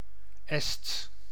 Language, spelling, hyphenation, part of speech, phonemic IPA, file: Dutch, Ests, Ests, proper noun, /ɛsts/, Nl-Ests.ogg
- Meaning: Estonian (language)